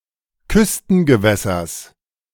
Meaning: genitive of Küstengewässer
- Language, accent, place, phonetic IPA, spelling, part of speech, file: German, Germany, Berlin, [ˈkʏstn̩ɡəˌvɛsɐs], Küstengewässers, noun, De-Küstengewässers.ogg